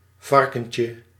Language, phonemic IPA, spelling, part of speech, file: Dutch, /ˈvɑrkəɲcə/, varkentje, noun, Nl-varkentje.ogg
- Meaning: diminutive of varken